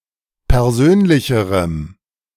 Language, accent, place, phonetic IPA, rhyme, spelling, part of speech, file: German, Germany, Berlin, [pɛʁˈzøːnlɪçəʁəm], -øːnlɪçəʁəm, persönlicherem, adjective, De-persönlicherem.ogg
- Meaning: strong dative masculine/neuter singular comparative degree of persönlich